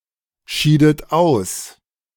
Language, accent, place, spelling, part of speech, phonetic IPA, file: German, Germany, Berlin, schiedet aus, verb, [ˌʃiːdət ˈaʊ̯s], De-schiedet aus.ogg
- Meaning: inflection of ausscheiden: 1. second-person plural preterite 2. second-person plural subjunctive II